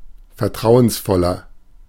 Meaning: 1. comparative degree of vertrauensvoll 2. inflection of vertrauensvoll: strong/mixed nominative masculine singular 3. inflection of vertrauensvoll: strong genitive/dative feminine singular
- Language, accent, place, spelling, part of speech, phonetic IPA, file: German, Germany, Berlin, vertrauensvoller, adjective, [fɛɐ̯ˈtʁaʊ̯ənsˌfɔlɐ], De-vertrauensvoller.ogg